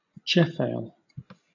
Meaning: An oversight in pleading, or the acknowledgment of a mistake or oversight
- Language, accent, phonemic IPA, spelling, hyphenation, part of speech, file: English, Southern England, /ˈd͡ʒɛfeɪl/, jeofail, jeo‧fail, noun, LL-Q1860 (eng)-jeofail.wav